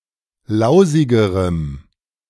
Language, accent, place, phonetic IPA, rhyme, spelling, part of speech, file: German, Germany, Berlin, [ˈlaʊ̯zɪɡəʁəm], -aʊ̯zɪɡəʁəm, lausigerem, adjective, De-lausigerem.ogg
- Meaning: strong dative masculine/neuter singular comparative degree of lausig